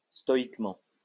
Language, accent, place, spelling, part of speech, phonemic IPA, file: French, France, Lyon, stoïquement, adverb, /stɔ.ik.mɑ̃/, LL-Q150 (fra)-stoïquement.wav
- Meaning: stoically